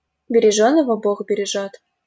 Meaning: better safe than sorry
- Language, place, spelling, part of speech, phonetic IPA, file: Russian, Saint Petersburg, бережёного бог бережёт, proverb, [bʲɪrʲɪˈʐonəvə boɣ bʲɪrʲɪˈʐot], LL-Q7737 (rus)-бережёного бог бережёт.wav